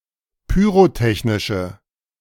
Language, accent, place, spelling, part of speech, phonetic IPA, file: German, Germany, Berlin, pyrotechnische, adjective, [pyːʁoˈtɛçnɪʃə], De-pyrotechnische.ogg
- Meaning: inflection of pyrotechnisch: 1. strong/mixed nominative/accusative feminine singular 2. strong nominative/accusative plural 3. weak nominative all-gender singular